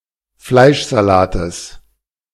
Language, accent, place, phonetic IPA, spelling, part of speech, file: German, Germany, Berlin, [ˈflaɪ̯ʃzaˌlaːtəs], Fleischsalates, noun, De-Fleischsalates.ogg
- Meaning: genitive singular of Fleischsalat